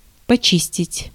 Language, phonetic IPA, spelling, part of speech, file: Russian, [pɐˈt͡ɕisʲtʲɪtʲ], почистить, verb, Ru-почистить.ogg
- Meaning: 1. to clean, to scour 2. to peel